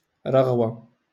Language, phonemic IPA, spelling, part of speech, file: Moroccan Arabic, /raɣ.wa/, رغوة, noun, LL-Q56426 (ary)-رغوة.wav
- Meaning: foam